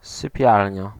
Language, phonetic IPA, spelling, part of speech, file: Polish, [sɨˈpʲjalʲɲa], sypialnia, noun, Pl-sypialnia.ogg